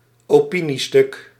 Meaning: an opinion piece
- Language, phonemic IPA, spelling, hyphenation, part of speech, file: Dutch, /oːˈpi.niˌstʏk/, opiniestuk, opi‧nie‧stuk, noun, Nl-opiniestuk.ogg